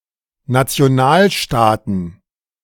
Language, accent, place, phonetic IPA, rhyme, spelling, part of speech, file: German, Germany, Berlin, [nat͡si̯oˈnaːlˌʃtaːtn̩], -aːlʃtaːtn̩, Nationalstaaten, noun, De-Nationalstaaten.ogg
- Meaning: plural of Nationalstaat